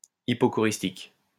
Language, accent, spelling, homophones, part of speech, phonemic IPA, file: French, France, hypocoristique, hypocoristiques, adjective / noun, /i.pɔ.kɔ.ʁis.tik/, LL-Q150 (fra)-hypocoristique.wav
- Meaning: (adjective) hypocoristic; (noun) hypocorism